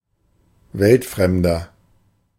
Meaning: 1. comparative degree of weltfremd 2. inflection of weltfremd: strong/mixed nominative masculine singular 3. inflection of weltfremd: strong genitive/dative feminine singular
- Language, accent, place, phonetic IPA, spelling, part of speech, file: German, Germany, Berlin, [ˈvɛltˌfʁɛmdɐ], weltfremder, adjective, De-weltfremder.ogg